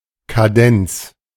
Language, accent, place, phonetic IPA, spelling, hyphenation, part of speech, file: German, Germany, Berlin, [kaˈdɛnt͡s], Kadenz, Ka‧denz, noun, De-Kadenz.ogg
- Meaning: 1. a cadenza (a part of a piece of music) 2. a cadence (a progression of at least two chords which conclude a piece of music)